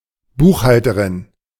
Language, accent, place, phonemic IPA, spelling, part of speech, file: German, Germany, Berlin, /ˈbuːxhaltəʁɪn/, Buchhalterin, noun, De-Buchhalterin.ogg
- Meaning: a female accountant